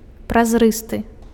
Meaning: transparent
- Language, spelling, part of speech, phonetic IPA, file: Belarusian, празрысты, adjective, [prazˈrɨstɨ], Be-празрысты.ogg